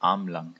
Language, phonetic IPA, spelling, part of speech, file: German, [ˈaʁmlaŋ], armlang, adjective, De-armlang.ogg
- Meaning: arm's-length